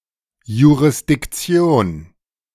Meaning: jurisdiction
- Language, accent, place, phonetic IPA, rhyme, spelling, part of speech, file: German, Germany, Berlin, [juʁɪsdɪkˈt͡si̯oːn], -oːn, Jurisdiktion, noun, De-Jurisdiktion.ogg